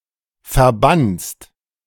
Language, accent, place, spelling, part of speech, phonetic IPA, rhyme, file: German, Germany, Berlin, verbannst, verb, [fɛɐ̯ˈbanst], -anst, De-verbannst.ogg
- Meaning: second-person singular present of verbannen